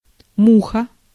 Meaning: fly (insect)
- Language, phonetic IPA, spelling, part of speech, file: Russian, [ˈmuxə], муха, noun, Ru-муха.ogg